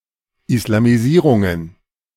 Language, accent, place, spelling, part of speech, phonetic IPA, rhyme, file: German, Germany, Berlin, Islamisierungen, noun, [ɪslamiˈziːʁʊŋən], -iːʁʊŋən, De-Islamisierungen.ogg
- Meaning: plural of Islamisierung